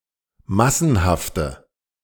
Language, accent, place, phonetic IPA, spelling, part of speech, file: German, Germany, Berlin, [ˈmasn̩haftə], massenhafte, adjective, De-massenhafte.ogg
- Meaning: inflection of massenhaft: 1. strong/mixed nominative/accusative feminine singular 2. strong nominative/accusative plural 3. weak nominative all-gender singular